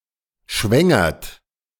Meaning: inflection of schwängern: 1. third-person singular present 2. second-person plural present 3. plural imperative
- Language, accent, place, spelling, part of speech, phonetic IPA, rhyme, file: German, Germany, Berlin, schwängert, verb, [ˈʃvɛŋɐt], -ɛŋɐt, De-schwängert.ogg